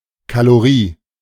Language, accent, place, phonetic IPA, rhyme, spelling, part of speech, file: German, Germany, Berlin, [kaloˈʁiː], -iː, Kalorie, noun, De-Kalorie.ogg
- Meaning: 1. kilocalorie 2. calorie